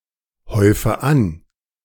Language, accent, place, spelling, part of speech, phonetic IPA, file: German, Germany, Berlin, häufe an, verb, [ˌhɔɪ̯fə ˈan], De-häufe an.ogg
- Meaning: inflection of anhäufen: 1. first-person singular present 2. first/third-person singular subjunctive I 3. singular imperative